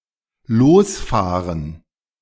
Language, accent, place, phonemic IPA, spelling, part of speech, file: German, Germany, Berlin, /ˈloːsˌfaːʁən/, losfahren, verb, De-losfahren.ogg
- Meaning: to set off, to hit the road